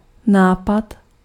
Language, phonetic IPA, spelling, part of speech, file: Czech, [ˈnaːpat], nápad, noun, Cs-nápad.ogg
- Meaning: idea (that came to mind)